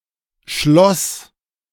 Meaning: first/third-person singular preterite of schließen
- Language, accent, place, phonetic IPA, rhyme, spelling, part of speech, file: German, Germany, Berlin, [ʃlɔs], -ɔs, schloss, verb, De-schloss.ogg